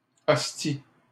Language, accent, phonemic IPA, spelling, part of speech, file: French, Canada, /ɔs.ti/, ostie, noun, LL-Q150 (fra)-ostie.wav
- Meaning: An expletive and intensifier for all purposes